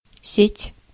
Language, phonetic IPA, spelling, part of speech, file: Russian, [sʲetʲ], сеть, noun, Ru-сеть.ogg
- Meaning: 1. net (used for catching fish), mesh 2. grid 3. network, system